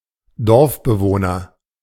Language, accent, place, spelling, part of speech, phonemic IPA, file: German, Germany, Berlin, Dorfbewohner, noun, /ˈdɔʁfbəˌvoːnɐ/, De-Dorfbewohner.ogg
- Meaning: villager (male or of unspecified gender)